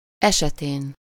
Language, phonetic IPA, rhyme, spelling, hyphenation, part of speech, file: Hungarian, [ˈɛʃɛteːn], -eːn, esetén, ese‧tén, postposition / noun, Hu-esetén.ogg
- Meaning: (postposition) in case of, in event of; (noun) superessive singular of esete